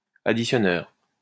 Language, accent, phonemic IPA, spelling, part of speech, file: French, France, /a.di.sjɔ.nœʁ/, additionneur, noun, LL-Q150 (fra)-additionneur.wav
- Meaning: adder